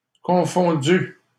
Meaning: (verb) past participle of confondre; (adjective) confused
- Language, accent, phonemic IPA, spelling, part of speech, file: French, Canada, /kɔ̃.fɔ̃.dy/, confondu, verb / adjective, LL-Q150 (fra)-confondu.wav